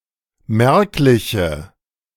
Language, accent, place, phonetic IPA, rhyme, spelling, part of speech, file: German, Germany, Berlin, [ˈmɛʁklɪçə], -ɛʁklɪçə, merkliche, adjective, De-merkliche.ogg
- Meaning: inflection of merklich: 1. strong/mixed nominative/accusative feminine singular 2. strong nominative/accusative plural 3. weak nominative all-gender singular